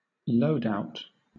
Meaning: The set of objects (e.g., equipment, supplies) to be carried into battle, onto a jobsite, etc.; all that one needs for a specific purpose
- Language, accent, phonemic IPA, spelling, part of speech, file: English, Southern England, /ˈləʊd.aʊt/, loadout, noun, LL-Q1860 (eng)-loadout.wav